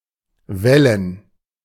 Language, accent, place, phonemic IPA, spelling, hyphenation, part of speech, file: German, Germany, Berlin, /ˈvɛlən/, wällen, wäl‧len, verb, De-wällen.ogg
- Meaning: to boil